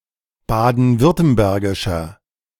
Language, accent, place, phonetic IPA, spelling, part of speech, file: German, Germany, Berlin, [ˌbaːdn̩ˈvʏʁtəmbɛʁɡɪʃɐ], baden-württembergischer, adjective, De-baden-württembergischer.ogg
- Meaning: inflection of baden-württembergisch: 1. strong/mixed nominative masculine singular 2. strong genitive/dative feminine singular 3. strong genitive plural